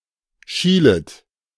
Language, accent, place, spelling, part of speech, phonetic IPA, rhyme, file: German, Germany, Berlin, schielet, verb, [ˈʃiːlət], -iːlət, De-schielet.ogg
- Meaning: second-person plural subjunctive I of schielen